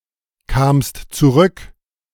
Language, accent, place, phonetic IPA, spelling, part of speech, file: German, Germany, Berlin, [ˌkaːmst t͡suˈʁʏk], kamst zurück, verb, De-kamst zurück.ogg
- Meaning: second-person singular preterite of zurückkommen